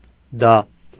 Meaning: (noun) the name of the Armenian letter դ (d); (pronoun) 1. that 2. it
- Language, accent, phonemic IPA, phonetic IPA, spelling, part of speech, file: Armenian, Eastern Armenian, /dɑ/, [dɑ], դա, noun / pronoun, Hy-դա.ogg